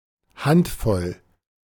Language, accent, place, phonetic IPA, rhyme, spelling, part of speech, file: German, Germany, Berlin, [ˈhantˌfɔl], -antfɔl, Handvoll, noun, De-Handvoll.ogg
- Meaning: handful, fistful